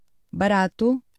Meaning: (adjective) 1. cheap; inexpensive (low in price) 2. cheap; worthless (low in worth or quality); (noun) fun (something that brings enjoyment)
- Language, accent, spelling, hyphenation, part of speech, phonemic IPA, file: Portuguese, Portugal, barato, ba‧ra‧to, adjective / noun / verb, /bɐˈɾa.tu/, Pt barato.ogg